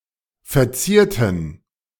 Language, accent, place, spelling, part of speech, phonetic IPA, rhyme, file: German, Germany, Berlin, verzierten, adjective / verb, [fɛɐ̯ˈt͡siːɐ̯tn̩], -iːɐ̯tn̩, De-verzierten.ogg
- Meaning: inflection of verzieren: 1. first/third-person plural preterite 2. first/third-person plural subjunctive II